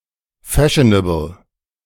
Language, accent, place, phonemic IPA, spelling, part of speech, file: German, Germany, Berlin, /ˈfɛʃ(ə)nəb(ə)l/, fashionable, adjective, De-fashionable.ogg
- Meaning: fashionable